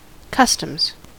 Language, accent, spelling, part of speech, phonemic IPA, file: English, US, customs, noun / verb, /ˈkʌs.təmz/, En-us-customs.ogg
- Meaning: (noun) 1. The duties or taxes imposed on imported or exported goods 2. The government department or agency that is authorised to collect the taxes imposed on imported goods